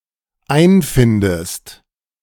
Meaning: inflection of einfinden: 1. second-person singular dependent present 2. second-person singular dependent subjunctive I
- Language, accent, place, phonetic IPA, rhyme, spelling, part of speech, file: German, Germany, Berlin, [ˈaɪ̯nˌfɪndəst], -aɪ̯nfɪndəst, einfindest, verb, De-einfindest.ogg